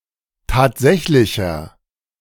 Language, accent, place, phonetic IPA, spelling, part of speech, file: German, Germany, Berlin, [ˈtaːtˌzɛçlɪçɐ], tatsächlicher, adjective, De-tatsächlicher.ogg
- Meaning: inflection of tatsächlich: 1. strong/mixed nominative masculine singular 2. strong genitive/dative feminine singular 3. strong genitive plural